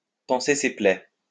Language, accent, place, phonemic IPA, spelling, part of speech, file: French, France, Lyon, /pɑ̃.se se plɛ/, panser ses plaies, verb, LL-Q150 (fra)-panser ses plaies.wav
- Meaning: to lick one's wounds